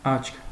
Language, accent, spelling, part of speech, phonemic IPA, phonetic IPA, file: Armenian, Eastern Armenian, աչք, noun, /ɑt͡ʃʰkʰ/, [ɑt͡ʃʰkʰ], Hy-աչք.ogg
- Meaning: eye